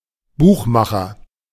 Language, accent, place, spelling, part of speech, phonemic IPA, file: German, Germany, Berlin, Buchmacher, noun, /ˈbuːχˌmaχɐ/, De-Buchmacher.ogg
- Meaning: 1. bookmaker; bookie (one who accepts bets; male or unspecified sex) 2. one who makes books, especially a (mediocre) author